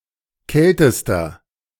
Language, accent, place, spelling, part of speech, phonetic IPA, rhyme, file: German, Germany, Berlin, kältester, adjective, [ˈkɛltəstɐ], -ɛltəstɐ, De-kältester.ogg
- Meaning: inflection of kalt: 1. strong/mixed nominative masculine singular superlative degree 2. strong genitive/dative feminine singular superlative degree 3. strong genitive plural superlative degree